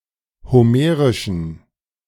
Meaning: inflection of homerisch: 1. strong genitive masculine/neuter singular 2. weak/mixed genitive/dative all-gender singular 3. strong/weak/mixed accusative masculine singular 4. strong dative plural
- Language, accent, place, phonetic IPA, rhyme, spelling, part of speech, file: German, Germany, Berlin, [hoˈmeːʁɪʃn̩], -eːʁɪʃn̩, homerischen, adjective, De-homerischen.ogg